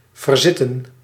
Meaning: to sit elsewhere
- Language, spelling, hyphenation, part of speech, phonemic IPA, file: Dutch, verzitten, ver‧zit‧ten, verb, /vərˈzɪtə(n)/, Nl-verzitten.ogg